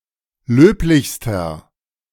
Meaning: inflection of löblich: 1. strong/mixed nominative masculine singular superlative degree 2. strong genitive/dative feminine singular superlative degree 3. strong genitive plural superlative degree
- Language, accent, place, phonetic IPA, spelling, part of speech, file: German, Germany, Berlin, [ˈløːplɪçstɐ], löblichster, adjective, De-löblichster.ogg